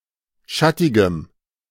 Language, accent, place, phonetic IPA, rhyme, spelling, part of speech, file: German, Germany, Berlin, [ˈʃatɪɡəm], -atɪɡəm, schattigem, adjective, De-schattigem.ogg
- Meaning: strong dative masculine/neuter singular of schattig